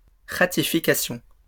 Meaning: ratification
- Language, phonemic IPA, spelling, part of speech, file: French, /ʁa.ti.fi.ka.sjɔ̃/, ratification, noun, LL-Q150 (fra)-ratification.wav